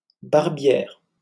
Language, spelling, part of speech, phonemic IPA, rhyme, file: French, barbière, noun, /baʁ.bjɛʁ/, -ɛʁ, LL-Q150 (fra)-barbière.wav
- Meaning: 1. female equivalent of barbier 2. a gorget, a piece of armor which protects the throat